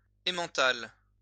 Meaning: Emmentaler
- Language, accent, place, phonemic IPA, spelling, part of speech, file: French, France, Lyon, /e.mɑ̃.tal/, emmental, noun, LL-Q150 (fra)-emmental.wav